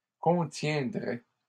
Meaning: third-person plural conditional of contenir
- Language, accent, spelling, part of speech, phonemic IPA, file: French, Canada, contiendraient, verb, /kɔ̃.tjɛ̃.dʁɛ/, LL-Q150 (fra)-contiendraient.wav